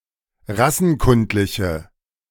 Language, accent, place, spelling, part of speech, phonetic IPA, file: German, Germany, Berlin, rassenkundliche, adjective, [ˈʁasn̩ˌkʊntlɪçə], De-rassenkundliche.ogg
- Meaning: inflection of rassenkundlich: 1. strong/mixed nominative/accusative feminine singular 2. strong nominative/accusative plural 3. weak nominative all-gender singular